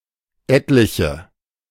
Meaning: scores (of), a number (of), several, quite a few (of)
- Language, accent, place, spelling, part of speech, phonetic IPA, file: German, Germany, Berlin, etliche, pronoun, [ˈɛtlɪçə], De-etliche.ogg